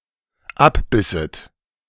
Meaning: second-person plural dependent subjunctive II of abbeißen
- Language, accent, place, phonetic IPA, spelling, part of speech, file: German, Germany, Berlin, [ˈapˌbɪsət], abbisset, verb, De-abbisset.ogg